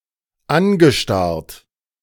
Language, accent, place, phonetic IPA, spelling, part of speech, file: German, Germany, Berlin, [ˈanɡəˌʃtaʁt], angestarrt, verb, De-angestarrt.ogg
- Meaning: past participle of anstarren